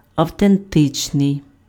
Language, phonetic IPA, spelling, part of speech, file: Ukrainian, [ɐu̯tenˈtɪt͡ʃnei̯], автентичний, adjective, Uk-автентичний.ogg
- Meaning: authentic